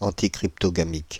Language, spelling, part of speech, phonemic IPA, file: French, anticryptogamique, adjective, /ɑ̃.ti.kʁip.tɔ.ɡa.mik/, Fr-anticryptogamique.ogg
- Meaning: anticryptogamic